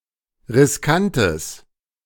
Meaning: strong/mixed nominative/accusative neuter singular of riskant
- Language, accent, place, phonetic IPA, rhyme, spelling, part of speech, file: German, Germany, Berlin, [ʁɪsˈkantəs], -antəs, riskantes, adjective, De-riskantes.ogg